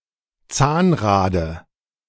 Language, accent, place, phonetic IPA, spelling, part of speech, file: German, Germany, Berlin, [ˈt͡saːnˌʁaːdə], Zahnrade, noun, De-Zahnrade.ogg
- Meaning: dative of Zahnrad